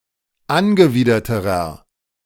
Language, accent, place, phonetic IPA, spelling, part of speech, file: German, Germany, Berlin, [ˈanɡəˌviːdɐtəʁɐ], angewiderterer, adjective, De-angewiderterer.ogg
- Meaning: inflection of angewidert: 1. strong/mixed nominative masculine singular comparative degree 2. strong genitive/dative feminine singular comparative degree 3. strong genitive plural comparative degree